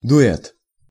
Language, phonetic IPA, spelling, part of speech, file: Russian, [dʊˈɛt], дуэт, noun, Ru-дуэт.ogg
- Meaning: duet, duo